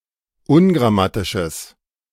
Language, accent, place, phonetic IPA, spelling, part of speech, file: German, Germany, Berlin, [ˈʊnɡʁaˌmatɪʃəs], ungrammatisches, adjective, De-ungrammatisches.ogg
- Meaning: strong/mixed nominative/accusative neuter singular of ungrammatisch